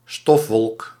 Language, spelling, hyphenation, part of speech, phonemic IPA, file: Dutch, stofwolk, stof‧wolk, noun, /ˈstɔf.ʋɔlk/, Nl-stofwolk.ogg
- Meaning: a dust cloud